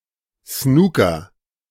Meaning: 1. snooker (game) 2. snooker (situation)
- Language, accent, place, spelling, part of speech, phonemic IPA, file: German, Germany, Berlin, Snooker, noun, /ˈsnuːkɐ/, De-Snooker.ogg